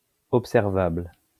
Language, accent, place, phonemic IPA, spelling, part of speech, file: French, France, Lyon, /ɔp.sɛʁ.vabl/, observable, adjective, LL-Q150 (fra)-observable.wav
- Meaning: observable